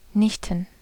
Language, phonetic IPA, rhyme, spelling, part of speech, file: German, [ˈnɪçtn̩], -ɪçtn̩, Nichten, noun, De-Nichten.ogg
- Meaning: plural of Nichte